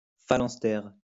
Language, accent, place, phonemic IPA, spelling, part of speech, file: French, France, Lyon, /fa.lɑ̃s.tɛʁ/, phalanstère, noun, LL-Q150 (fra)-phalanstère.wav
- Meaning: phalanstery